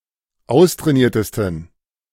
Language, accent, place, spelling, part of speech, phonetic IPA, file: German, Germany, Berlin, austrainiertesten, adjective, [ˈaʊ̯stʁɛːˌniːɐ̯təstn̩], De-austrainiertesten.ogg
- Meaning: 1. superlative degree of austrainiert 2. inflection of austrainiert: strong genitive masculine/neuter singular superlative degree